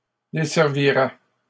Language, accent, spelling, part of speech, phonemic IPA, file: French, Canada, desservirait, verb, /de.sɛʁ.vi.ʁɛ/, LL-Q150 (fra)-desservirait.wav
- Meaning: third-person singular conditional of desservir